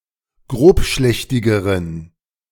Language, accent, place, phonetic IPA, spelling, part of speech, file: German, Germany, Berlin, [ˈɡʁoːpˌʃlɛçtɪɡəʁən], grobschlächtigeren, adjective, De-grobschlächtigeren.ogg
- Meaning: inflection of grobschlächtig: 1. strong genitive masculine/neuter singular comparative degree 2. weak/mixed genitive/dative all-gender singular comparative degree